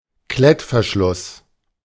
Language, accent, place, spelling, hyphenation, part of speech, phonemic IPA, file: German, Germany, Berlin, Klettverschluss, Klett‧ver‧schluss, noun, /ˈklɛtfɛɐ̯ˌʃlʊs/, De-Klettverschluss.ogg
- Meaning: 1. Velcro (the mechanism as such) 2. Velcro (a pair of both strips, as on a shoe)